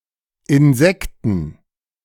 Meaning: plural of Insekt
- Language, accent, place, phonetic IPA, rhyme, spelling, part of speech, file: German, Germany, Berlin, [ɪnˈzɛktn̩], -ɛktn̩, Insekten, noun, De-Insekten.ogg